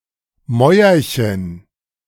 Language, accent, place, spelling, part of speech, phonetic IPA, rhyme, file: German, Germany, Berlin, Mäuerchen, noun, [ˈmɔɪ̯ɐçən], -ɔɪ̯ɐçən, De-Mäuerchen.ogg
- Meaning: diminutive of Mauer